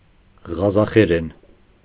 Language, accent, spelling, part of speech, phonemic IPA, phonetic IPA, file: Armenian, Eastern Armenian, ղազախերեն, noun / adverb / adjective, /ʁɑzɑχeˈɾen/, [ʁɑzɑχeɾén], Hy-ղազախերեն.ogg
- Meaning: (noun) Kazakh (language); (adverb) in Kazakh; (adjective) Kazakh (of or pertaining to the language)